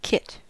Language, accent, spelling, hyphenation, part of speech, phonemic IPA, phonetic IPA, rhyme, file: English, US, kit, kit, noun / verb, /ˈkɪt/, [ˈkʰɪt], -ɪt, En-us-kit.ogg
- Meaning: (noun) A circular wooden vessel, made of hooped staves